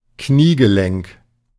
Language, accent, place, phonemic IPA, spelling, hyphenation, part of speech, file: German, Germany, Berlin, /ˈkniːɡəˌlɛŋk/, Kniegelenk, Knie‧ge‧lenk, noun, De-Kniegelenk.ogg
- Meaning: knee joint